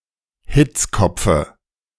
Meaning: dative singular of Hitzkopf
- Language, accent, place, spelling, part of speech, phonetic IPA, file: German, Germany, Berlin, Hitzkopfe, noun, [ˈhɪt͡sˌkɔp͡fə], De-Hitzkopfe.ogg